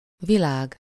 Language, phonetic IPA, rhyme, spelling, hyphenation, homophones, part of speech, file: Hungarian, [ˈvilaːɡ], -aːɡ, világ, vi‧lág, Világ, noun, Hu-világ.ogg
- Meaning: 1. world 2. illumination, light, brightness, sight 3. life, birth (as a result of delivery)